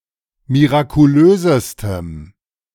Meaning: strong dative masculine/neuter singular superlative degree of mirakulös
- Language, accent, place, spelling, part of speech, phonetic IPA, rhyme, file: German, Germany, Berlin, mirakulösestem, adjective, [miʁakuˈløːzəstəm], -øːzəstəm, De-mirakulösestem.ogg